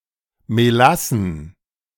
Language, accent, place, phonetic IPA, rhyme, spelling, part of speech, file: German, Germany, Berlin, [meˈlasn̩], -asn̩, Melassen, noun, De-Melassen.ogg
- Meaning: plural of Melasse